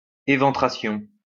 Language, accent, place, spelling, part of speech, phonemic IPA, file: French, France, Lyon, éventration, noun, /e.vɑ̃.tʁa.sjɔ̃/, LL-Q150 (fra)-éventration.wav
- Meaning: 1. eventration 2. rupture 3. evisceration